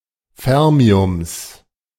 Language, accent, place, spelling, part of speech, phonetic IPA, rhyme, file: German, Germany, Berlin, Fermiums, noun, [ˈfɛʁmiʊms], -ɛʁmiʊms, De-Fermiums.ogg
- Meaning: genitive singular of Fermium